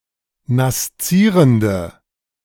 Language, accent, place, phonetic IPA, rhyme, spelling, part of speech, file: German, Germany, Berlin, [nasˈt͡siːʁəndə], -iːʁəndə, naszierende, adjective, De-naszierende.ogg
- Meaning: inflection of naszierend: 1. strong/mixed nominative/accusative feminine singular 2. strong nominative/accusative plural 3. weak nominative all-gender singular